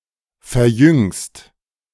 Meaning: second-person singular present of verjüngen
- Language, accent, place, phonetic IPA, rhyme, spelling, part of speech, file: German, Germany, Berlin, [fɛɐ̯ˈjʏŋst], -ʏŋst, verjüngst, verb, De-verjüngst.ogg